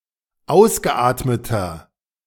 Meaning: inflection of ausgeatmet: 1. strong/mixed nominative masculine singular 2. strong genitive/dative feminine singular 3. strong genitive plural
- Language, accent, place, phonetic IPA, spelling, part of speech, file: German, Germany, Berlin, [ˈaʊ̯sɡəˌʔaːtmətɐ], ausgeatmeter, adjective, De-ausgeatmeter.ogg